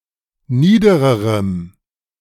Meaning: strong dative masculine/neuter singular comparative degree of nieder
- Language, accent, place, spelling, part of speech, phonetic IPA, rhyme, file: German, Germany, Berlin, niedererem, adjective, [ˈniːdəʁəʁəm], -iːdəʁəʁəm, De-niedererem.ogg